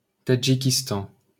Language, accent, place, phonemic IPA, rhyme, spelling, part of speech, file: French, France, Paris, /ta.dʒi.kis.tɑ̃/, -ɑ̃, Tadjikistan, proper noun, LL-Q150 (fra)-Tadjikistan.wav
- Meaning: Tajikistan (a country in Central Asia)